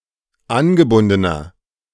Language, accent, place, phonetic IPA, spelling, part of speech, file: German, Germany, Berlin, [ˈanɡəˌbʊndənɐ], angebundener, adjective, De-angebundener.ogg
- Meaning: inflection of angebunden: 1. strong/mixed nominative masculine singular 2. strong genitive/dative feminine singular 3. strong genitive plural